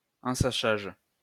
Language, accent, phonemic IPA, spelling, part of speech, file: French, France, /ɑ̃.sa.ʃaʒ/, ensachage, noun, LL-Q150 (fra)-ensachage.wav
- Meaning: bagging (all senses)